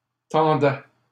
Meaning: first/second-person singular imperfect indicative of tendre
- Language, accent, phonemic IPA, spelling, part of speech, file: French, Canada, /tɑ̃.dɛ/, tendais, verb, LL-Q150 (fra)-tendais.wav